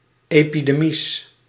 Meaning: plural of epidemie
- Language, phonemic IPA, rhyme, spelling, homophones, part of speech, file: Dutch, /ˌeː.piˈdeː.mis/, -eːmis, epidemies, epidemisch, noun, Nl-epidemies.ogg